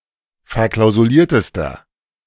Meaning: inflection of verklausuliert: 1. strong/mixed nominative masculine singular superlative degree 2. strong genitive/dative feminine singular superlative degree
- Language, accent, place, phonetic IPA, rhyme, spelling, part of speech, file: German, Germany, Berlin, [fɛɐ̯ˌklaʊ̯zuˈliːɐ̯təstɐ], -iːɐ̯təstɐ, verklausuliertester, adjective, De-verklausuliertester.ogg